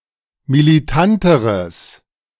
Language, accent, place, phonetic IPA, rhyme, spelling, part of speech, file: German, Germany, Berlin, [miliˈtantəʁəs], -antəʁəs, militanteres, adjective, De-militanteres.ogg
- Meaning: strong/mixed nominative/accusative neuter singular comparative degree of militant